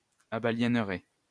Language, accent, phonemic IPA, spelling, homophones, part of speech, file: French, France, /a.ba.ljɛn.ʁe/, abaliénerez, abaliénerai, verb, LL-Q150 (fra)-abaliénerez.wav
- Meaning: second-person plural simple future of abaliéner